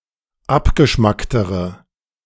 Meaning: inflection of abgeschmackt: 1. strong/mixed nominative/accusative feminine singular comparative degree 2. strong nominative/accusative plural comparative degree
- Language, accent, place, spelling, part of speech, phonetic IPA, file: German, Germany, Berlin, abgeschmacktere, adjective, [ˈapɡəˌʃmaktəʁə], De-abgeschmacktere.ogg